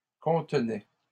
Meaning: third-person plural imperfect indicative of contenir
- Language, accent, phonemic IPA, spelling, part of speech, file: French, Canada, /kɔ̃t.nɛ/, contenaient, verb, LL-Q150 (fra)-contenaient.wav